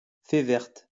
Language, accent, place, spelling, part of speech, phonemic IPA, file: French, France, Lyon, fée verte, noun, /fe vɛʁt/, LL-Q150 (fra)-fée verte.wav
- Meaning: green fairy, absinthe